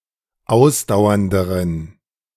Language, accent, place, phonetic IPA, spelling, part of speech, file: German, Germany, Berlin, [ˈaʊ̯sdaʊ̯ɐndəʁən], ausdauernderen, adjective, De-ausdauernderen.ogg
- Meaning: inflection of ausdauernd: 1. strong genitive masculine/neuter singular comparative degree 2. weak/mixed genitive/dative all-gender singular comparative degree